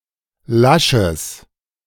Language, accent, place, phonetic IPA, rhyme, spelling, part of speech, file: German, Germany, Berlin, [ˈlaʃəs], -aʃəs, lasches, adjective, De-lasches.ogg
- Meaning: strong/mixed nominative/accusative neuter singular of lasch